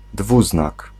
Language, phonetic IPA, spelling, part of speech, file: Polish, [ˈdvuznak], dwuznak, noun, Pl-dwuznak.ogg